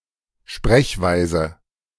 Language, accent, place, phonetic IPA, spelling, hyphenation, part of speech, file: German, Germany, Berlin, [ˈʃpʁɛçˌvaɪ̯zə], Sprechweise, Sprech‧wei‧se, noun, De-Sprechweise.ogg
- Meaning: way of speaking